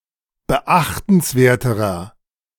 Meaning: inflection of beachtenswert: 1. strong/mixed nominative masculine singular comparative degree 2. strong genitive/dative feminine singular comparative degree
- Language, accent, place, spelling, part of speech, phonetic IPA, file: German, Germany, Berlin, beachtenswerterer, adjective, [bəˈʔaxtn̩sˌveːɐ̯təʁɐ], De-beachtenswerterer.ogg